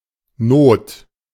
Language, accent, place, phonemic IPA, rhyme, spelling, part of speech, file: German, Germany, Berlin, /noːt/, -oːt, Not, noun / proper noun, De-Not.ogg
- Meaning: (noun) 1. need, imminence 2. necessity, poverty 3. emergency, crisis; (proper noun) alternative spelling of Nut